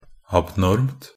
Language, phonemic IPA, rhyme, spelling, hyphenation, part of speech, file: Norwegian Bokmål, /abˈnɔrmt/, -ɔrmt, abnormt, ab‧normt, adjective, Nb-abnormt.ogg
- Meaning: neuter singular of abnorm